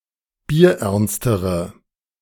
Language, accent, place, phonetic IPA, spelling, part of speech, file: German, Germany, Berlin, [biːɐ̯ˈʔɛʁnstəʁə], bierernstere, adjective, De-bierernstere.ogg
- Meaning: inflection of bierernst: 1. strong/mixed nominative/accusative feminine singular comparative degree 2. strong nominative/accusative plural comparative degree